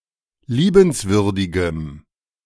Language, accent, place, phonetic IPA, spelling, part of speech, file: German, Germany, Berlin, [ˈliːbənsvʏʁdɪɡəm], liebenswürdigem, adjective, De-liebenswürdigem.ogg
- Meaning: strong dative masculine/neuter singular of liebenswürdig